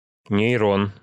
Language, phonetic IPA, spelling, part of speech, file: Russian, [nʲɪjˈron], нейрон, noun, Ru-нейрон.ogg
- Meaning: neuron